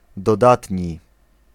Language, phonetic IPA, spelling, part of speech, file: Polish, [dɔˈdatʲɲi], dodatni, adjective, Pl-dodatni.ogg